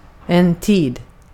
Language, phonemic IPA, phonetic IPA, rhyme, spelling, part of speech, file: Swedish, /tiːd/, [tʰiːd], -iːd, tid, noun, Sv-tid.ogg
- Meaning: 1. time 2. time, period, era 3. slot, appointment